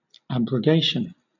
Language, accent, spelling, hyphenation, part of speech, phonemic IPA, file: English, Southern England, abrogation, ab‧ro‧ga‧tion, noun, /ˌæb.ɹəˈɡeɪ.ʃ(ə)n/, LL-Q1860 (eng)-abrogation.wav
- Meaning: The act of abrogating.: 1. A repeal by authority; abolition 2. The blocking of a molecular process or function